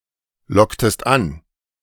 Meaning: inflection of anlocken: 1. second-person singular preterite 2. second-person singular subjunctive II
- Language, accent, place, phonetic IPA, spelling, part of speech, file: German, Germany, Berlin, [ˌlɔktəst ˈan], locktest an, verb, De-locktest an.ogg